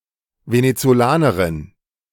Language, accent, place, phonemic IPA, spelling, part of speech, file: German, Germany, Berlin, /venetsoˈlaːnəʁɪn/, Venezolanerin, noun, De-Venezolanerin.ogg
- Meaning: female equivalent of Venezolaner (“person from Venezuela”)